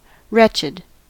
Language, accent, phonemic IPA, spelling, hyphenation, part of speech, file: English, General American, /ˈɹɛt͡ʃəd/, wretched, wretch‧ed, adjective, En-us-wretched.ogg
- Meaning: 1. Characterized by or feeling deep affliction or distress; very miserable 2. Of an inferior or unworthy nature or social status; contemptible, lowly